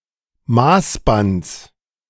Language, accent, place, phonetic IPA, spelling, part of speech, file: German, Germany, Berlin, [ˈmaːsbant͡s], Maßbands, noun, De-Maßbands.ogg
- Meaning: genitive singular of Maßband